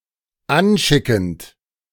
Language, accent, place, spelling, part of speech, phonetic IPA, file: German, Germany, Berlin, anschickend, verb, [ˈanˌʃɪkn̩t], De-anschickend.ogg
- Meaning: present participle of anschicken